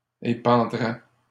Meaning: third-person singular conditional of épandre
- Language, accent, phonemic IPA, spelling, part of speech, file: French, Canada, /e.pɑ̃.dʁɛ/, épandrait, verb, LL-Q150 (fra)-épandrait.wav